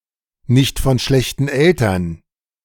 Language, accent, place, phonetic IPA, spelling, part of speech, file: German, Germany, Berlin, [nɪçt fɔn ʃlɛçtn̩ ˈɛltɐn], nicht von schlechten Eltern, phrase, De-nicht von schlechten Eltern.ogg
- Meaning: good quality